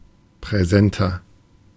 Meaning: 1. comparative degree of präsent 2. inflection of präsent: strong/mixed nominative masculine singular 3. inflection of präsent: strong genitive/dative feminine singular
- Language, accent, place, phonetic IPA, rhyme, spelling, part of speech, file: German, Germany, Berlin, [pʁɛˈzɛntɐ], -ɛntɐ, präsenter, adjective, De-präsenter.ogg